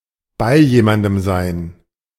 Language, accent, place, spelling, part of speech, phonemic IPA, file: German, Germany, Berlin, bei jemandem sein, verb, /baɪ̯ ˈjeːmandəm zaɪ̯n/, De-bei jemandem sein.ogg
- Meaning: 1. to be with, to agree (to understand someone's point of view) 2. Used other than figuratively or idiomatically: see bei, sein